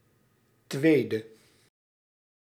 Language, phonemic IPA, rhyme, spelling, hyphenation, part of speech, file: Dutch, /ˈtʋeːdə/, -eːdə, tweede, twee‧de, adjective, Nl-tweede.ogg
- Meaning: second, number two